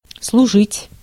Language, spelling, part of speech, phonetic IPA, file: Russian, служить, verb, [sɫʊˈʐɨtʲ], Ru-служить.ogg
- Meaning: 1. to serve 2. to serve, to act, to work (as), to be 3. to be (something), to serve (as) 4. to be used (for), to serve (for), to do (for) 5. to be in use, to do one's duty 6. to serve, to officiate